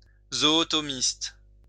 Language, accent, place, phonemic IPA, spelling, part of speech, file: French, France, Lyon, /zɔ.ɔ.tɔ.mist/, zootomiste, noun, LL-Q150 (fra)-zootomiste.wav
- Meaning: zootomist